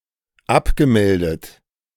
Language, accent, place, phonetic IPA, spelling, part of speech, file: German, Germany, Berlin, [ˈapɡəˌmɛldət], abgemeldet, verb, De-abgemeldet.ogg
- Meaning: past participle of abmelden